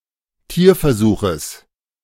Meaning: genitive singular of Tierversuch
- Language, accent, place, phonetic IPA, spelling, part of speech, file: German, Germany, Berlin, [ˈtiːɐ̯fɛɐ̯ˌzuːxəs], Tierversuches, noun, De-Tierversuches.ogg